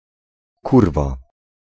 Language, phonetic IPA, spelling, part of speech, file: Polish, [ˈkurva], kurwa, noun / interjection / particle, Pl-kurwa.ogg